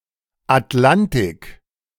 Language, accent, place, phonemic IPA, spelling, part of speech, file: German, Germany, Berlin, /atˈlantɪk/, Atlantik, proper noun, De-Atlantik.ogg
- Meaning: the Atlantic Ocean